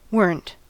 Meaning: Contraction of were + not
- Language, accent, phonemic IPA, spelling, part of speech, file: English, US, /ˈwɝn̩t/, weren't, verb, En-us-weren't.ogg